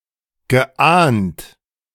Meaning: past participle of ahnen
- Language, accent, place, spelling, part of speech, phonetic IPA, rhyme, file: German, Germany, Berlin, geahnt, verb, [ɡəˈʔaːnt], -aːnt, De-geahnt.ogg